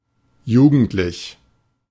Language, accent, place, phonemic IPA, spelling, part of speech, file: German, Germany, Berlin, /ˈjuːɡəntlɪç/, jugendlich, adjective, De-jugendlich.ogg
- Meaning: youthful